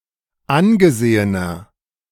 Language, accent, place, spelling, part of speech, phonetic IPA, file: German, Germany, Berlin, angesehener, adjective, [ˈanɡəˌzeːənɐ], De-angesehener.ogg
- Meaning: 1. comparative degree of angesehen 2. inflection of angesehen: strong/mixed nominative masculine singular 3. inflection of angesehen: strong genitive/dative feminine singular